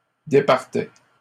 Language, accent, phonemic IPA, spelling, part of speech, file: French, Canada, /de.paʁ.tɛ/, départais, verb, LL-Q150 (fra)-départais.wav
- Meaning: first/second-person singular imperfect indicative of départir